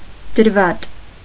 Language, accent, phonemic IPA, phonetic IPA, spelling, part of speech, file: Armenian, Eastern Armenian, /dəɾˈvɑt/, [dəɾvɑ́t], դրվատ, noun, Hy-դրվատ.ogg
- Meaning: praise